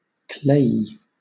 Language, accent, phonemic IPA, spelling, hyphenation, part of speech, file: English, Southern England, /ˈkleɪ(j)i/, clayey, clay‧ey, adjective, LL-Q1860 (eng)-clayey.wav
- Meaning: 1. Composed of clay or containing (much) clay; clayish 2. Covered or dirtied with clay 3. Resembling clay; claylike, clayish 4. Of the human body, as contrasted with the soul; bodily, human, mortal